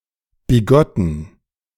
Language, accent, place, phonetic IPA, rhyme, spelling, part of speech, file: German, Germany, Berlin, [biˈɡɔtn̩], -ɔtn̩, bigotten, adjective, De-bigotten.ogg
- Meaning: inflection of bigott: 1. strong genitive masculine/neuter singular 2. weak/mixed genitive/dative all-gender singular 3. strong/weak/mixed accusative masculine singular 4. strong dative plural